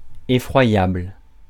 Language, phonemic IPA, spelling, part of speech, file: French, /e.fʁwa.jabl/, effroyable, adjective, Fr-effroyable.ogg
- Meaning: horrific, horrifying, terrifying